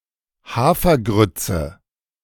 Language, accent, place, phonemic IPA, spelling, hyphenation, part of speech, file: German, Germany, Berlin, /ˈhaːfɐˌɡʁʏtsə/, Hafergrütze, Ha‧fer‧grüt‧ze, noun, De-Hafergrütze.ogg
- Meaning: groat(s), oat groat(s), steel-cut oats